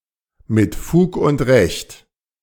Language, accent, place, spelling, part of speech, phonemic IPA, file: German, Germany, Berlin, mit Fug und Recht, adverb, /mɪt ˈfuːk ʊnt ˈʁɛçt/, De-mit Fug und Recht.ogg
- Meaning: justifiably, rightly